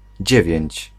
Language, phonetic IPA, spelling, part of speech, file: Polish, [ˈd͡ʑɛvʲjɛ̇̃ɲt͡ɕ], dziewięć, adjective, Pl-dziewięć.ogg